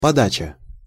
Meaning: 1. giving 2. feed, feeding, supply 3. service, serve 4. presentation, portrayal
- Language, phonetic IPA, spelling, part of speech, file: Russian, [pɐˈdat͡ɕə], подача, noun, Ru-подача.ogg